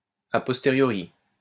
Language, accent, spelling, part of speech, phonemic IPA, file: French, France, à postériori, adjective / adverb, /a pɔs.te.ʁjɔ.ʁi/, LL-Q150 (fra)-à postériori.wav
- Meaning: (adjective) post-1990 spelling of a posteriori